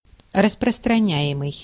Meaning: present passive imperfective participle of распространя́ть (rasprostranjátʹ)
- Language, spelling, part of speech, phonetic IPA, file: Russian, распространяемый, verb, [rəsprəstrɐˈnʲæ(j)ɪmɨj], Ru-распространяемый.ogg